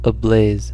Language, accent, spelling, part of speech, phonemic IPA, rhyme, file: English, US, ablaze, adjective / adverb, /əˈbleɪz/, -eɪz, En-us-ablaze.ogg
- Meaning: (adjective) 1. Burning fiercely; in a blaze; on fire 2. Radiant with bright light and color 3. In a state of glowing excitement, ardent desire, or other strong emotion; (adverb) On fire; in a blaze